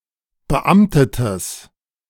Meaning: strong/mixed nominative/accusative neuter singular of beamtet
- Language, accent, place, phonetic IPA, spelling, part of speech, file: German, Germany, Berlin, [bəˈʔamtətəs], beamtetes, adjective, De-beamtetes.ogg